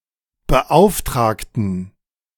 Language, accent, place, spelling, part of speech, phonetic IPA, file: German, Germany, Berlin, beauftragten, adjective / verb, [bəˈʔaʊ̯fˌtʁaːktn̩], De-beauftragten.ogg
- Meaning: inflection of beauftragen: 1. first/third-person plural preterite 2. first/third-person plural subjunctive II